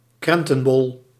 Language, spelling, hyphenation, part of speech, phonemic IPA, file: Dutch, krentenbol, kren‧ten‧bol, noun, /ˈkrɛn.tə(n)ˌbɔl/, Nl-krentenbol.ogg
- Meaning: currant bun